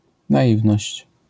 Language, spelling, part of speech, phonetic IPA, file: Polish, naiwność, noun, [naˈʲivnɔɕt͡ɕ], LL-Q809 (pol)-naiwność.wav